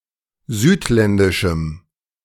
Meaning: strong dative masculine/neuter singular of südländisch
- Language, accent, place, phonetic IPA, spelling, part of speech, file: German, Germany, Berlin, [ˈzyːtˌlɛndɪʃm̩], südländischem, adjective, De-südländischem.ogg